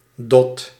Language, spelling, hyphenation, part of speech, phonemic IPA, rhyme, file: Dutch, dot, dot, noun, /dɔt/, -ɔt, Nl-dot.ogg
- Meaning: 1. a tuft, a bunch, a clump 2. a lot, a large amount 3. cutie, something small and adorable 4. darling, sweetie (almost always used in its diminutive form - dotje) 5. a swab